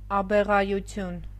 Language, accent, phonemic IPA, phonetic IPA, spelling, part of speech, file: Armenian, Eastern Armenian, /ɑbeʁɑjuˈtʰjun/, [ɑbeʁɑjut͡sʰjún], աբեղայություն, noun, Hy-աբեղայություն.ogg
- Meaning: 1. “abeghahood” (the condition of being an abegha) 2. the abeghas collectively